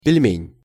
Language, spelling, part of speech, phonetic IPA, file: Russian, пельмень, noun, [pʲɪlʲˈmʲenʲ], Ru-пельмень.ogg
- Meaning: 1. pelmen (a Russian dumpling resembling ravioli) 2. female genitalia; vagina or vulva